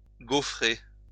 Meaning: 1. to emboss 2. to goffer
- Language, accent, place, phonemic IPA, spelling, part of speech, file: French, France, Lyon, /ɡo.fʁe/, gaufrer, verb, LL-Q150 (fra)-gaufrer.wav